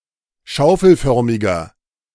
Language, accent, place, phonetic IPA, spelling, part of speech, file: German, Germany, Berlin, [ˈʃaʊ̯fl̩ˌfœʁmɪɡɐ], schaufelförmiger, adjective, De-schaufelförmiger.ogg
- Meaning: inflection of schaufelförmig: 1. strong/mixed nominative masculine singular 2. strong genitive/dative feminine singular 3. strong genitive plural